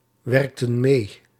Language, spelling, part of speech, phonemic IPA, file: Dutch, werkten mee, verb, /ˈwɛrᵊktə(n) ˈme/, Nl-werkten mee.ogg
- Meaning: inflection of meewerken: 1. plural past indicative 2. plural past subjunctive